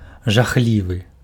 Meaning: awful, horrible, terrible
- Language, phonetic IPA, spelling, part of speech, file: Belarusian, [ʐaˈxlʲivɨ], жахлівы, adjective, Be-жахлівы.ogg